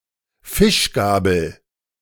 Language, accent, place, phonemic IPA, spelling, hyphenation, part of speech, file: German, Germany, Berlin, /ˈfɪʃɡaːbəl/, Fischgabel, Fisch‧ga‧bel, noun, De-Fischgabel.ogg
- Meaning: 1. fish fork 2. leister